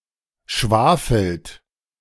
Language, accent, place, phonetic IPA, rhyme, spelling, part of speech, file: German, Germany, Berlin, [ˈʃvaːfl̩t], -aːfl̩t, schwafelt, verb, De-schwafelt.ogg
- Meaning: inflection of schwafeln: 1. third-person singular present 2. second-person plural present 3. plural imperative